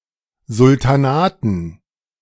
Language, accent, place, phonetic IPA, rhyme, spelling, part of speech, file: German, Germany, Berlin, [zʊltaˈnaːtn̩], -aːtn̩, Sultanaten, noun, De-Sultanaten.ogg
- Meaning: dative plural of Sultan